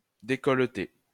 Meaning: to reveal the neck or neckline
- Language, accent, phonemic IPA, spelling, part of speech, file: French, France, /de.kɔl.te/, décolleter, verb, LL-Q150 (fra)-décolleter.wav